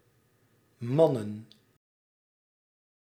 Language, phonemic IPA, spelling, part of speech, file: Dutch, /ˈmɑnə(n)/, mannen, noun, Nl-mannen.ogg
- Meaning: plural of man